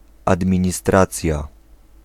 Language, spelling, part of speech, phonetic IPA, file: Polish, administracja, noun, [ˌadmʲĩɲiˈstrat͡sʲja], Pl-administracja.ogg